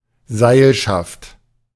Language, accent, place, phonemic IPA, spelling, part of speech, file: German, Germany, Berlin, /ˈzaɪ̯lʃaft/, Seilschaft, noun, De-Seilschaft.ogg
- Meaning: 1. rope team 2. coterie, clique, network